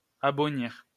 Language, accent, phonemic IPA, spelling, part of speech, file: French, France, /a.bɔ.niʁ/, abonnir, verb, LL-Q150 (fra)-abonnir.wav
- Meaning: to improve; to render or become better